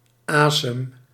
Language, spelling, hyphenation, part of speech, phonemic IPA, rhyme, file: Dutch, asem, asem, noun, /ˈaːsəm/, -aːsəm, Nl-asem.ogg
- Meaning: alternative form of adem